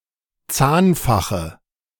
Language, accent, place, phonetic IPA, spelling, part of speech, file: German, Germany, Berlin, [ˈt͡saːnˌfaxə], Zahnfache, noun, De-Zahnfache.ogg
- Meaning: dative singular of Zahnfach